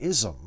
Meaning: An ideology, system of thought, or practice that can be described by a word ending in -ism
- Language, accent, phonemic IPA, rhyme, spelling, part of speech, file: English, US, /ˈɪz.əm/, -ɪzəm, ism, noun, En-us-ism.ogg